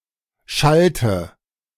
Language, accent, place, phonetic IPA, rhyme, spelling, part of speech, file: German, Germany, Berlin, [ˈʃaltə], -altə, schallte, verb, De-schallte.ogg
- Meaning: inflection of schallen: 1. first/third-person singular preterite 2. first/third-person singular subjunctive II